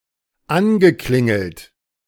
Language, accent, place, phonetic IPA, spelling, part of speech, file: German, Germany, Berlin, [ˈanɡəˌklɪŋl̩t], angeklingelt, verb, De-angeklingelt.ogg
- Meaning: past participle of anklingeln